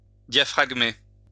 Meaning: to diaphragm
- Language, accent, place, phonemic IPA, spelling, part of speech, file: French, France, Lyon, /dja.fʁaɡ.me/, diaphragmer, verb, LL-Q150 (fra)-diaphragmer.wav